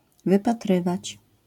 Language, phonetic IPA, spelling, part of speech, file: Polish, [ˌvɨpaˈtrɨvat͡ɕ], wypatrywać, verb, LL-Q809 (pol)-wypatrywać.wav